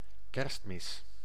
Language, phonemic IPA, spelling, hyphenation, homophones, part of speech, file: Dutch, /ˈkɛrst.mɪs/, kerstmis, kerst‧mis, Kerstmis, noun, Nl-kerstmis.ogg
- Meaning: Christmas mass